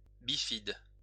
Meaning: bifid
- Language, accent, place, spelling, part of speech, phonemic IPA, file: French, France, Lyon, bifide, adjective, /bi.fid/, LL-Q150 (fra)-bifide.wav